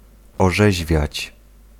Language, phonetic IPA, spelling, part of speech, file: Polish, [ɔˈʒɛʑvʲjät͡ɕ], orzeźwiać, verb, Pl-orzeźwiać.ogg